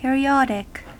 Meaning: 1. Relative to a period or periods 2. Having repeated cycles 3. Occurring at regular intervals 4. Periodical 5. Pertaining to the revolution of a celestial object in its orbit
- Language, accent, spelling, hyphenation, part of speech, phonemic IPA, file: English, General American, periodic, pe‧ri‧od‧ic, adjective, /ˌpɪɹiˈɑdɪk/, En-us-periodic.ogg